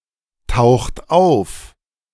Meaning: inflection of auftauchen: 1. third-person singular present 2. second-person plural present 3. plural imperative
- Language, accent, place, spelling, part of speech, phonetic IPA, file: German, Germany, Berlin, taucht auf, verb, [ˌtaʊ̯xt ˈaʊ̯f], De-taucht auf.ogg